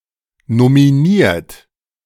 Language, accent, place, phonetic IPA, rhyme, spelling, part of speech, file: German, Germany, Berlin, [nomiˈniːɐ̯t], -iːɐ̯t, nominiert, verb, De-nominiert.ogg
- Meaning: 1. past participle of nominieren 2. inflection of nominieren: third-person singular present 3. inflection of nominieren: second-person plural present 4. inflection of nominieren: plural imperative